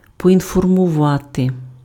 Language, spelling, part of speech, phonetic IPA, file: Ukrainian, поінформувати, verb, [pɔinfɔrmʊˈʋate], Uk-поінформувати.ogg
- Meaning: to inform